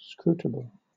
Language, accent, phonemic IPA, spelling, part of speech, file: English, Southern England, /ˈskɹuːtəbl̩/, scrutable, adjective, LL-Q1860 (eng)-scrutable.wav
- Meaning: understandable, comprehensible